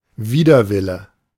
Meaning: reluctance
- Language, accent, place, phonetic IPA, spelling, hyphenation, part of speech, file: German, Germany, Berlin, [ˈviːdɐˌvɪlə], Widerwille, Wi‧der‧wil‧le, noun, De-Widerwille.ogg